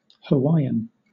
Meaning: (adjective) 1. Descended from the peoples inhabiting the Hawaiian Islands prior to European contact 2. Of or pertaining to the Hawaiian race, culture, or language
- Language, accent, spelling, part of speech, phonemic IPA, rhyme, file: English, Southern England, Hawaiian, adjective / noun / proper noun, /həˈwaɪ.ən/, -aɪən, LL-Q1860 (eng)-Hawaiian.wav